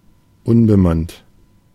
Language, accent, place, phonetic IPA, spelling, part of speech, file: German, Germany, Berlin, [ˈʊnbəˌmant], unbemannt, adjective, De-unbemannt.ogg
- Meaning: unmanned